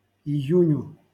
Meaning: dative singular of ию́нь (ijúnʹ)
- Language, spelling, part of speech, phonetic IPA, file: Russian, июню, noun, [ɪˈjʉnʲʊ], LL-Q7737 (rus)-июню.wav